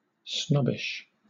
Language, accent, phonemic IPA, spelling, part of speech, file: English, Southern England, /ˈsnɒbɪʃ/, snobbish, adjective, LL-Q1860 (eng)-snobbish.wav
- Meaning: Having the property of being a snob; arrogant and pretentious; smugly superior or dismissive of perceived inferiors